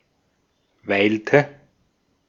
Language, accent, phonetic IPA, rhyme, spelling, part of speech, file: German, Austria, [ˈvaɪ̯ltə], -aɪ̯ltə, weilte, verb, De-at-weilte.ogg
- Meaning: inflection of weilen: 1. first/third-person singular preterite 2. first/third-person singular subjunctive II